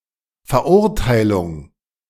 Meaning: 1. conviction, sentence 2. condemnation
- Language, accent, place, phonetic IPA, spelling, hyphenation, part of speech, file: German, Germany, Berlin, [fɛɐ̯ˈʔʊʁtaɪ̯lʊŋ], Verurteilung, Ver‧ur‧tei‧lung, noun, De-Verurteilung.ogg